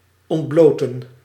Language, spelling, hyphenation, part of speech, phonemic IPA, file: Dutch, ontbloten, ont‧blo‧ten, verb, /ˌɔntˈbloː.tə(n)/, Nl-ontbloten.ogg
- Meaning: 1. to bare, render naked 2. to strip bare an object 3. (in ontbloten van) To rid of, deprive of